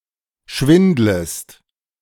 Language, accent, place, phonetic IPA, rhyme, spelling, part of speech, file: German, Germany, Berlin, [ˈʃvɪndləst], -ɪndləst, schwindlest, verb, De-schwindlest.ogg
- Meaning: second-person singular subjunctive I of schwindeln